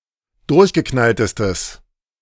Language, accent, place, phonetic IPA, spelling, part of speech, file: German, Germany, Berlin, [ˈdʊʁçɡəˌknaltəstəs], durchgeknalltestes, adjective, De-durchgeknalltestes.ogg
- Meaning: strong/mixed nominative/accusative neuter singular superlative degree of durchgeknallt